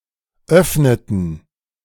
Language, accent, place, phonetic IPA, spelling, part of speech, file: German, Germany, Berlin, [ˈœfnətn̩], öffneten, verb, De-öffneten.ogg
- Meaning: inflection of öffnen: 1. first/third-person plural preterite 2. first/third-person plural subjunctive II